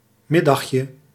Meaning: diminutive of middag
- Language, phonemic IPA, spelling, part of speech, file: Dutch, /ˈmɪdɑxjə/, middagje, noun, Nl-middagje.ogg